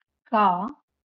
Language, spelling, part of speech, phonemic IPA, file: Marathi, का, adverb / conjunction / particle, /ka/, LL-Q1571 (mar)-का.wav
- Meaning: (adverb) why; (conjunction) or; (particle) final interrogative particle to form a yes-no question